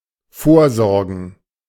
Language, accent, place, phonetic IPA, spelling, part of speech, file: German, Germany, Berlin, [ˈfoːɐ̯ˌzɔʁɡn̩], vorsorgen, verb, De-vorsorgen.ogg
- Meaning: to make provision